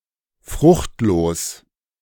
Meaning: fruitless
- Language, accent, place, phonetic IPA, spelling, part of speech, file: German, Germany, Berlin, [ˈfʁʊxtˌloːs], fruchtlos, adjective, De-fruchtlos.ogg